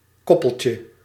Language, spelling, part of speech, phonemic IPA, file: Dutch, koppeltje, noun, /ˈkɔpəlcə/, Nl-koppeltje.ogg
- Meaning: diminutive of koppel